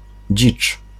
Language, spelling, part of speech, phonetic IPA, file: Polish, dzicz, noun, [d͡ʑit͡ʃ], Pl-dzicz.ogg